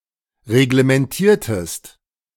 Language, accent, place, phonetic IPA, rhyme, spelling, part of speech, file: German, Germany, Berlin, [ʁeɡləmɛnˈtiːɐ̯təst], -iːɐ̯təst, reglementiertest, verb, De-reglementiertest.ogg
- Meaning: inflection of reglementieren: 1. second-person singular preterite 2. second-person singular subjunctive II